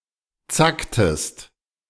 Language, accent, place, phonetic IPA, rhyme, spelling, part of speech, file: German, Germany, Berlin, [ˈt͡saktəst], -aktəst, zacktest, verb, De-zacktest.ogg
- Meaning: inflection of zacken: 1. second-person singular preterite 2. second-person singular subjunctive II